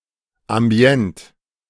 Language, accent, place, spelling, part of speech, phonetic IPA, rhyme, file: German, Germany, Berlin, ambient, adjective, [amˈbi̯ɛnt], -ɛnt, De-ambient.ogg
- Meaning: ambient